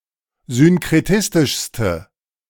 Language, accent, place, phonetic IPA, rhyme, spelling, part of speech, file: German, Germany, Berlin, [zʏnkʁeˈtɪstɪʃstə], -ɪstɪʃstə, synkretistischste, adjective, De-synkretistischste.ogg
- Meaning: inflection of synkretistisch: 1. strong/mixed nominative/accusative feminine singular superlative degree 2. strong nominative/accusative plural superlative degree